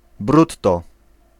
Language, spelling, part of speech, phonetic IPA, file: Polish, brutto, adverb / noun, [ˈbrutːɔ], Pl-brutto.ogg